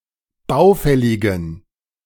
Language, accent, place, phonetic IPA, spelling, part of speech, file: German, Germany, Berlin, [ˈbaʊ̯ˌfɛlɪɡn̩], baufälligen, adjective, De-baufälligen.ogg
- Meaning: inflection of baufällig: 1. strong genitive masculine/neuter singular 2. weak/mixed genitive/dative all-gender singular 3. strong/weak/mixed accusative masculine singular 4. strong dative plural